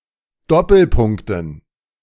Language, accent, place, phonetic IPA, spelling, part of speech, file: German, Germany, Berlin, [ˈdɔpl̩ˌpʊŋktn̩], Doppelpunkten, noun, De-Doppelpunkten.ogg
- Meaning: dative plural of Doppelpunkt